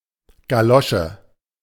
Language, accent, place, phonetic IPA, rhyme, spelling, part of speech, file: German, Germany, Berlin, [ɡaˈlɔʃə], -ɔʃə, Galosche, noun, De-Galosche.ogg
- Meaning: overshoe, galoshe